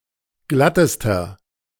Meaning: inflection of glatt: 1. strong/mixed nominative masculine singular superlative degree 2. strong genitive/dative feminine singular superlative degree 3. strong genitive plural superlative degree
- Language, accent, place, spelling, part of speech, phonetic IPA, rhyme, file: German, Germany, Berlin, glattester, adjective, [ˈɡlatəstɐ], -atəstɐ, De-glattester.ogg